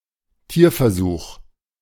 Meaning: animal experiment / experimentation
- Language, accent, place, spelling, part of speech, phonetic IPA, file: German, Germany, Berlin, Tierversuch, noun, [ˈtiːɐ̯fɛɐ̯ˌzuːx], De-Tierversuch.ogg